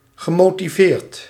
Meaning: past participle of motiveren
- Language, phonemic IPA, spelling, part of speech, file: Dutch, /ɣəˌmotiˈvert/, gemotiveerd, verb / adjective, Nl-gemotiveerd.ogg